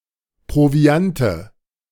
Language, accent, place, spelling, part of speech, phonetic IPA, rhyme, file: German, Germany, Berlin, Proviante, noun, [pʁoˈvi̯antə], -antə, De-Proviante.ogg
- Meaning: nominative/accusative/genitive plural of Proviant